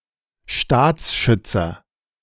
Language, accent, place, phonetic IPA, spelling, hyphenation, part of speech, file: German, Germany, Berlin, [ˈʃtaːt͡sˌʃʏt͡sɐ], Staatsschützer, Staats‧schüt‧zer, noun, De-Staatsschützer.ogg
- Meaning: a member of the national security apparatus